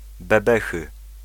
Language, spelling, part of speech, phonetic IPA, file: Polish, bebechy, noun, [bɛˈbɛxɨ], Pl-bebechy.ogg